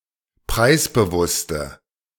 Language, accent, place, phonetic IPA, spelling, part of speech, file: German, Germany, Berlin, [ˈpʁaɪ̯sbəˌvʊstə], preisbewusste, adjective, De-preisbewusste.ogg
- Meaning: inflection of preisbewusst: 1. strong/mixed nominative/accusative feminine singular 2. strong nominative/accusative plural 3. weak nominative all-gender singular